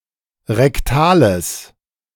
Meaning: strong/mixed nominative/accusative neuter singular of rektal
- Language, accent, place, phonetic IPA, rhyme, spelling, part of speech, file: German, Germany, Berlin, [ʁɛkˈtaːləs], -aːləs, rektales, adjective, De-rektales.ogg